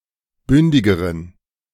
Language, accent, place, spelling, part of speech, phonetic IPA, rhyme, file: German, Germany, Berlin, bündigeren, adjective, [ˈbʏndɪɡəʁən], -ʏndɪɡəʁən, De-bündigeren.ogg
- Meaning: inflection of bündig: 1. strong genitive masculine/neuter singular comparative degree 2. weak/mixed genitive/dative all-gender singular comparative degree